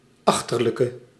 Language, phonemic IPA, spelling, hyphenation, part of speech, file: Dutch, /ˈɑx.tər.lə.kə/, achterlijke, ach‧ter‧lij‧ke, noun / adjective, Nl-achterlijke.ogg
- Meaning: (noun) 1. retard, idiot, a backwards person 2. a mentally retarded person, someone with a mental disability; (adjective) inflection of achterlijk: masculine/feminine singular attributive